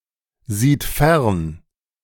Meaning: third-person singular present of fernsehen
- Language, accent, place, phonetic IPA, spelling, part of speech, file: German, Germany, Berlin, [ˌziːt ˈfɛʁn], sieht fern, verb, De-sieht fern.ogg